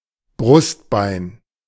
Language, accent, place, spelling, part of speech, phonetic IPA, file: German, Germany, Berlin, Brustbein, noun, [ˈbʁʊstˌbaɪ̯n], De-Brustbein.ogg
- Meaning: sternum, breastbone